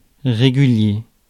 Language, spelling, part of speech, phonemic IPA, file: French, régulier, adjective / noun, /ʁe.ɡy.lje/, Fr-régulier.ogg
- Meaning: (adjective) 1. regular (conforming to rules) 2. regular (both equilateral and equiangular; having all sides of the same length, and all (corresponding) angles of the same size)